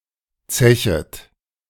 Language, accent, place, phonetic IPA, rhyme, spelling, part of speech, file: German, Germany, Berlin, [ˈt͡sɛçət], -ɛçət, zechet, verb, De-zechet.ogg
- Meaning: second-person plural subjunctive I of zechen